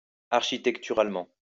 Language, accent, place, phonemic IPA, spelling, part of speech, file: French, France, Lyon, /aʁ.ʃi.tɛk.ty.ʁal.mɑ̃/, architecturalement, adverb, LL-Q150 (fra)-architecturalement.wav
- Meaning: architecturally